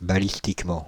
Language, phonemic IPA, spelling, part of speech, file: French, /ba.lis.tik.mɑ̃/, balistiquement, adverb, Fr-balistiquement.ogg
- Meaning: ballistically